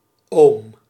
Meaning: uncle
- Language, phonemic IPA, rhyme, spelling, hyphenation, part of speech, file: Dutch, /oːm/, -oːm, oom, oom, noun, Nl-oom.ogg